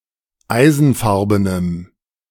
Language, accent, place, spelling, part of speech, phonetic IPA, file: German, Germany, Berlin, eisenfarbenem, adjective, [ˈaɪ̯zn̩ˌfaʁbənəm], De-eisenfarbenem.ogg
- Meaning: strong dative masculine/neuter singular of eisenfarben